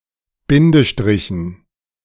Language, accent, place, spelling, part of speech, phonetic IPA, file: German, Germany, Berlin, Bindestrichen, noun, [ˈbɪndəˌʃtʁɪçn̩], De-Bindestrichen.ogg
- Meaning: dative plural of Bindestrich